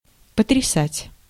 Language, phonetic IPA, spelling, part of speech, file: Russian, [pətrʲɪˈsatʲ], потрясать, verb, Ru-потрясать.ogg
- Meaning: 1. to shake, to brandish 2. to shake, to rock 3. to amaze, to astound, to shock, to astonish